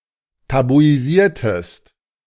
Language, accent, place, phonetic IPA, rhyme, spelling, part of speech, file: German, Germany, Berlin, [tabuiˈziːɐ̯təst], -iːɐ̯təst, tabuisiertest, verb, De-tabuisiertest.ogg
- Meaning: inflection of tabuisieren: 1. second-person singular preterite 2. second-person singular subjunctive II